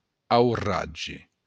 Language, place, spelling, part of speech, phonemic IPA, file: Occitan, Béarn, auratge, noun, /awˈrad͡ʒe/, LL-Q14185 (oci)-auratge.wav
- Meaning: storm, tempest